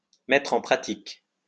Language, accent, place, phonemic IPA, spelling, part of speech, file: French, France, Lyon, /mɛ.tʁ‿ɑ̃ pʁa.tik/, mettre en pratique, verb, LL-Q150 (fra)-mettre en pratique.wav
- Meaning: to put into practice